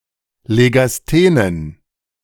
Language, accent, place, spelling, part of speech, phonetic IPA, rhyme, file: German, Germany, Berlin, legasthenen, adjective, [leɡasˈteːnən], -eːnən, De-legasthenen.ogg
- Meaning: inflection of legasthen: 1. strong genitive masculine/neuter singular 2. weak/mixed genitive/dative all-gender singular 3. strong/weak/mixed accusative masculine singular 4. strong dative plural